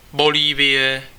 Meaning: Bolivia (a country in South America; official name: Bolivijský mnohonárodnostní stát)
- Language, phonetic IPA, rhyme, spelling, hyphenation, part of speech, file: Czech, [ˈboliːvɪjɛ], -ɪjɛ, Bolívie, Bo‧lí‧vie, proper noun, Cs-Bolívie.ogg